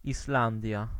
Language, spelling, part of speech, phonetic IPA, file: Polish, Islandia, proper noun, [isˈlãndʲja], Pl-Islandia.ogg